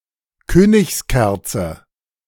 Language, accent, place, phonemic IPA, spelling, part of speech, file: German, Germany, Berlin, /ˈkøːnɪçsˌkɛʁtsə/, Königskerze, noun, De-Königskerze.ogg
- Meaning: mullein (plants of the genus Verbascum)